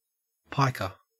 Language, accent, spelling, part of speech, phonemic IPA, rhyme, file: English, Australia, piker, noun, /ˈpaɪkə(ɹ)/, -aɪkə(ɹ), En-au-piker.ogg
- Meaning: 1. A soldier armed with a pike, a pikeman 2. One who bets or gambles only with small amounts of money 3. A stingy person; a cheapskate 4. An amateur